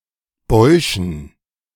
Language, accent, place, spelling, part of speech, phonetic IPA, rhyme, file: German, Germany, Berlin, Bäuschen, noun, [ˈbɔɪ̯ʃn̩], -ɔɪ̯ʃn̩, De-Bäuschen.ogg
- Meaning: dative plural of Bausch